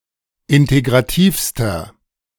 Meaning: inflection of integrativ: 1. strong/mixed nominative masculine singular superlative degree 2. strong genitive/dative feminine singular superlative degree 3. strong genitive plural superlative degree
- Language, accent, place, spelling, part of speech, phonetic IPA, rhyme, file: German, Germany, Berlin, integrativster, adjective, [ˌɪnteɡʁaˈtiːfstɐ], -iːfstɐ, De-integrativster.ogg